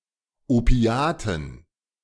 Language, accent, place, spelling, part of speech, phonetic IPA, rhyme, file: German, Germany, Berlin, Opiaten, noun, [oˈpi̯aːtn̩], -aːtn̩, De-Opiaten.ogg
- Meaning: dative plural of Opiat